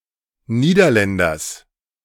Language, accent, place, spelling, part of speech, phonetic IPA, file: German, Germany, Berlin, Niederländers, noun, [ˈniːdɐˌlɛndɐs], De-Niederländers.ogg
- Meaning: genitive singular of Niederländer